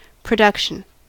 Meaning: 1. The act of producing, making or creating something 2. The act of bringing something forward, out, etc., for use or consideration 3. The act of being produced 4. The total amount produced
- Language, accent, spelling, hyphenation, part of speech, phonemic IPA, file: English, US, production, pro‧duc‧tion, noun, /pɹəˈdʌkʃən/, En-us-production.ogg